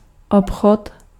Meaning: 1. trade (commercial exchange of goods and services) 2. deal (instance of buying or selling) 3. shop
- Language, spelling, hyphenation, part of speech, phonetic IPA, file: Czech, obchod, ob‧chod, noun, [ˈopxot], Cs-obchod.ogg